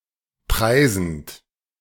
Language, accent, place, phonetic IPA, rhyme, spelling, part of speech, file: German, Germany, Berlin, [ˈpʁaɪ̯zn̩t], -aɪ̯zn̩t, preisend, verb, De-preisend.ogg
- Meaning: present participle of preisen